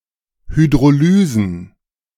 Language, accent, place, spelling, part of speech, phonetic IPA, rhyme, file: German, Germany, Berlin, Hydrolysen, noun, [hydʁoˈlyːzn̩], -yːzn̩, De-Hydrolysen.ogg
- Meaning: plural of Hydrolyse